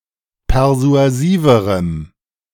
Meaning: strong dative masculine/neuter singular comparative degree of persuasiv
- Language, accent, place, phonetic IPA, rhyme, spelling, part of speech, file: German, Germany, Berlin, [pɛʁzu̯aˈziːvəʁəm], -iːvəʁəm, persuasiverem, adjective, De-persuasiverem.ogg